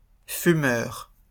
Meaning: plural of fumeur
- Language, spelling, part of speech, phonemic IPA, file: French, fumeurs, noun, /fy.mœʁ/, LL-Q150 (fra)-fumeurs.wav